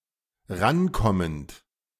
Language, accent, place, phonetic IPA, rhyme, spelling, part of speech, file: German, Germany, Berlin, [ˈʁanˌkɔmənt], -ankɔmənt, rankommend, verb, De-rankommend.ogg
- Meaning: present participle of rankommen